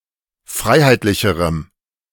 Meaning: strong dative masculine/neuter singular comparative degree of freiheitlich
- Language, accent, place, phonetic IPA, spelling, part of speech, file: German, Germany, Berlin, [ˈfʁaɪ̯haɪ̯tlɪçəʁəm], freiheitlicherem, adjective, De-freiheitlicherem.ogg